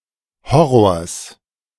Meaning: genitive singular of Horror
- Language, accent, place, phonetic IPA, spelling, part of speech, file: German, Germany, Berlin, [ˈhɔʁoːɐ̯s], Horrors, noun, De-Horrors.ogg